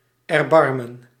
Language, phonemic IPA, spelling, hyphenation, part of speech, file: Dutch, /ɛrˈbɑrmə(n)/, erbarmen, er‧bar‧men, verb / noun, Nl-erbarmen.ogg
- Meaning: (verb) to have mercy, to take pity; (noun) mercy, pity